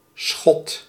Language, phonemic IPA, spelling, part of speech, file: Dutch, /sxɔt/, schot, noun, Nl-schot.ogg
- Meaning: 1. shot, act of shooting 2. missile, projectile 3. a divider that partitions a larger space into smaller ones (traditionally wooden planks, but could be made of any materials)